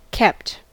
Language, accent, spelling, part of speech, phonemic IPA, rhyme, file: English, US, kept, verb, /ˈkɛpt/, -ɛpt, En-us-kept.ogg
- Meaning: simple past and past participle of keep